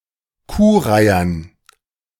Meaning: dative plural of Kuhreiher
- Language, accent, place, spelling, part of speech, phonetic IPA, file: German, Germany, Berlin, Kuhreihern, noun, [ˈkuːˌʁaɪ̯ɐn], De-Kuhreihern.ogg